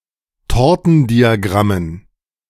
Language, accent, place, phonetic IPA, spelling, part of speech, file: German, Germany, Berlin, [ˈtɔʁtn̩diaˌɡʁamən], Tortendiagrammen, noun, De-Tortendiagrammen.ogg
- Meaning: dative plural of Tortendiagramm